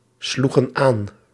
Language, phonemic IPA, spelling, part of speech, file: Dutch, /ˈsluɣə(n) ˈan/, sloegen aan, verb, Nl-sloegen aan.ogg
- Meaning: inflection of aanslaan: 1. plural past indicative 2. plural past subjunctive